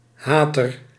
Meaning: 1. hater (someone who hates) 2. hater, enemy or criticaster
- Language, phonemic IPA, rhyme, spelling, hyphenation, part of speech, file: Dutch, /ˈɦaː.tər/, -aːtər, hater, ha‧ter, noun, Nl-hater.ogg